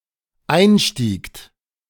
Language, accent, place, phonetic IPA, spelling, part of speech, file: German, Germany, Berlin, [ˈaɪ̯nˌʃtiːkt], einstiegt, verb, De-einstiegt.ogg
- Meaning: second-person plural dependent preterite of einsteigen